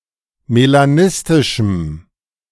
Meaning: strong dative masculine/neuter singular of melanistisch
- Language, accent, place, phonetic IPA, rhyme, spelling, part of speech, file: German, Germany, Berlin, [melaˈnɪstɪʃm̩], -ɪstɪʃm̩, melanistischem, adjective, De-melanistischem.ogg